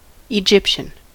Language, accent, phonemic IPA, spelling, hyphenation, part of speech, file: English, General American, /əˈd͡ʒɪpʃən/, Egyptian, Egypt‧ian, adjective / noun / proper noun, En-us-Egyptian.ogg
- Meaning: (adjective) Of, from, or pertaining to Egypt, the Egyptian people or the Egyptian language; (noun) 1. A person from Egypt or of Egyptian descent 2. A gypsy